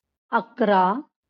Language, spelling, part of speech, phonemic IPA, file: Marathi, अकरा, numeral, /ək.ɾa/, LL-Q1571 (mar)-अकरा.wav
- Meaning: eleven